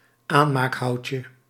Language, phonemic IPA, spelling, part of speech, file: Dutch, /ˈanmakˌhɑuce/, aanmaakhoutje, noun, Nl-aanmaakhoutje.ogg
- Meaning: 1. diminutive of aanmaakhout 2. small piece of wood to light a fire with